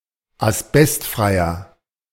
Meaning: inflection of asbestfrei: 1. strong/mixed nominative masculine singular 2. strong genitive/dative feminine singular 3. strong genitive plural
- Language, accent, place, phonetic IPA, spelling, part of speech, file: German, Germany, Berlin, [asˈbɛstˌfʁaɪ̯ɐ], asbestfreier, adjective, De-asbestfreier.ogg